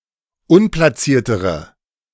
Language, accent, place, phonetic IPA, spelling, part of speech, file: German, Germany, Berlin, [ˈʊnplaˌt͡siːɐ̯təʁə], unplatziertere, adjective, De-unplatziertere.ogg
- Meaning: inflection of unplatziert: 1. strong/mixed nominative/accusative feminine singular comparative degree 2. strong nominative/accusative plural comparative degree